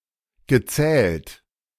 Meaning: past participle of zählen
- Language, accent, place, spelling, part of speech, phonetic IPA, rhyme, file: German, Germany, Berlin, gezählt, verb, [ɡəˈt͡sɛːlt], -ɛːlt, De-gezählt.ogg